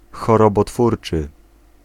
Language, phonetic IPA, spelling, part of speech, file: Polish, [ˌxɔrɔbɔˈtfurt͡ʃɨ], chorobotwórczy, adjective, Pl-chorobotwórczy.ogg